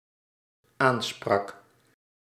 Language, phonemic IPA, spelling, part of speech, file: Dutch, /ˈansprɑk/, aansprak, verb, Nl-aansprak.ogg
- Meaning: singular dependent-clause past indicative of aanspreken